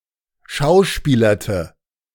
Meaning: inflection of schauspielern: 1. first/third-person singular preterite 2. first/third-person singular subjunctive II
- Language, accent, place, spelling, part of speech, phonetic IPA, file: German, Germany, Berlin, schauspielerte, verb, [ˈʃaʊ̯ˌʃpiːlɐtə], De-schauspielerte.ogg